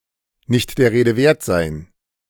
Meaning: to be nothing worth mentioning
- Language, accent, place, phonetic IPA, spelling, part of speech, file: German, Germany, Berlin, [nɪçt deːɐ̯ ˈʁeːdə veːɐ̯t zaɪ̯n], nicht der Rede wert sein, verb, De-nicht der Rede wert sein.ogg